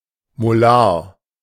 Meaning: molar
- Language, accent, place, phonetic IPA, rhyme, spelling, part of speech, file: German, Germany, Berlin, [moˈlaːɐ̯], -aːɐ̯, molar, adjective, De-molar.ogg